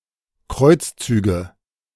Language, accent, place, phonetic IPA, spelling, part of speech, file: German, Germany, Berlin, [ˈkʁɔɪ̯t͡sˌt͡syːɡə], Kreuzzüge, noun, De-Kreuzzüge.ogg
- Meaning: nominative/accusative/genitive plural of Kreuzzug